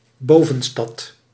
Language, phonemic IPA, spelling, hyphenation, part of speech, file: Dutch, /ˈboː.və(n)ˌstɑt/, bovenstad, bo‧ven‧stad, noun, Nl-bovenstad.ogg
- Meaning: upper city